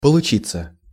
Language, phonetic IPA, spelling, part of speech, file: Russian, [pəɫʊˈt͡ɕit͡sːə], получиться, verb, Ru-получиться.ogg
- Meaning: 1. to come in, to arrive 2. to result 3. to prove, to turn out 4. to work out well, to manage, to come alone 5. passive of получи́ть (polučítʹ)